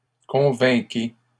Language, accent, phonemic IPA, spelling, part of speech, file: French, Canada, /kɔ̃.vɛ̃.ke/, convainquez, verb, LL-Q150 (fra)-convainquez.wav
- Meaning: inflection of convaincre: 1. second-person plural present indicative 2. second-person plural imperative